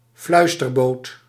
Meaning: an electric boat (motorised boat with an electrical engine)
- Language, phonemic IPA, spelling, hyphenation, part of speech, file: Dutch, /ˈflœy̯s.tərˌboːt/, fluisterboot, fluis‧ter‧boot, noun, Nl-fluisterboot.ogg